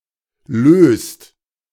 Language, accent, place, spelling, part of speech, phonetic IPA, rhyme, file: German, Germany, Berlin, löst, verb, [løːst], -øːst, De-löst.ogg
- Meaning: inflection of lösen: 1. second/third-person singular present 2. second-person plural present 3. plural imperative